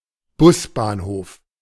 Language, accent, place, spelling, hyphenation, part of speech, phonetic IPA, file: German, Germany, Berlin, Busbahnhof, Bus‧bahn‧hof, noun, [ˈbʊsbaːnˌhoːf], De-Busbahnhof.ogg
- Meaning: bus station